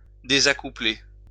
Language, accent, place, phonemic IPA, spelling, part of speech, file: French, France, Lyon, /de.za.ku.ple/, désaccoupler, verb, LL-Q150 (fra)-désaccoupler.wav
- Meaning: to unbind, separate